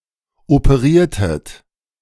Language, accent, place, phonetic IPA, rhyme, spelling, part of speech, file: German, Germany, Berlin, [opəˈʁiːɐ̯tət], -iːɐ̯tət, operiertet, verb, De-operiertet.ogg
- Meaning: inflection of operieren: 1. second-person plural preterite 2. second-person plural subjunctive II